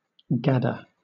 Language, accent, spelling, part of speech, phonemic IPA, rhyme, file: English, Southern England, gadder, noun, /ˈɡædə(ɹ)/, -ædə(ɹ), LL-Q1860 (eng)-gadder.wav
- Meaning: 1. One who roves about idly, a rambling gossip 2. A drilling or perforating machine or apparatus for mining and mineral exploration